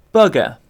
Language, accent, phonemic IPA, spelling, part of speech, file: English, UK, /ˈbʌɡə/, bugger, noun / verb / interjection, En-uk-bugger.ogg
- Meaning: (noun) 1. A heretic 2. Someone who commits buggery; a sodomite 3. A foolish or worthless person or thing; a despicable person 4. A situation that is aggravating or causes dismay; a pain